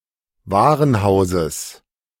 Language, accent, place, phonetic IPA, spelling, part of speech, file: German, Germany, Berlin, [ˈvaːʁənˌhaʊ̯zəs], Warenhauses, noun, De-Warenhauses.ogg
- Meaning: genitive of Warenhaus